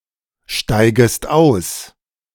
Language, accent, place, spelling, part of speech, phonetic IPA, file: German, Germany, Berlin, steigest aus, verb, [ˌʃtaɪ̯ɡəst ˈaʊ̯s], De-steigest aus.ogg
- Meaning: second-person singular subjunctive I of aussteigen